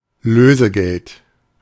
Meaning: ransom (money paid for the freeing of a hostage)
- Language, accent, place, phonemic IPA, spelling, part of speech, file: German, Germany, Berlin, /ˈløːzəˌɡɛlt/, Lösegeld, noun, De-Lösegeld.ogg